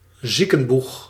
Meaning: sick bay
- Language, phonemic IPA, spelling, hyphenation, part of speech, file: Dutch, /ˈzi.kə(n)ˌbux/, ziekenboeg, zie‧ken‧boeg, noun, Nl-ziekenboeg.ogg